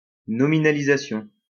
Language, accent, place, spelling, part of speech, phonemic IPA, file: French, France, Lyon, nominalisation, noun, /nɔ.mi.na.li.za.sjɔ̃/, LL-Q150 (fra)-nominalisation.wav
- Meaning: nominalization